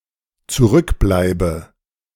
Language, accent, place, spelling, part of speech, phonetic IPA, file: German, Germany, Berlin, zurückbleibe, verb, [t͡suˈʁʏkˌblaɪ̯bə], De-zurückbleibe.ogg
- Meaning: inflection of zurückbleiben: 1. first-person singular dependent present 2. first/third-person singular dependent subjunctive I